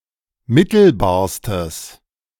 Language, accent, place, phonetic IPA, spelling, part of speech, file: German, Germany, Berlin, [ˈmɪtl̩baːɐ̯stəs], mittelbarstes, adjective, De-mittelbarstes.ogg
- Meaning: strong/mixed nominative/accusative neuter singular superlative degree of mittelbar